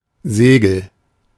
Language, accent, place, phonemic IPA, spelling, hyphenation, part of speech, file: German, Germany, Berlin, /ˈzeːɡəl/, Segel, Se‧gel, noun, De-Segel.ogg
- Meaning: sail